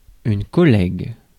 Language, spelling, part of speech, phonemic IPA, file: French, collègue, noun, /kɔ.lɛɡ/, Fr-collègue.ogg
- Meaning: 1. colleague 2. friend